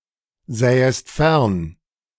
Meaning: second-person singular subjunctive II of fernsehen
- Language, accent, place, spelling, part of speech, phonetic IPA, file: German, Germany, Berlin, sähest fern, verb, [ˌzɛːəst ˈfɛʁn], De-sähest fern.ogg